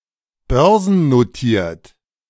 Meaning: listed (on the Stock Exchange)
- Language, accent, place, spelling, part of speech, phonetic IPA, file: German, Germany, Berlin, börsennotiert, adjective, [ˈbœʁzn̩noˌtiːɐ̯t], De-börsennotiert.ogg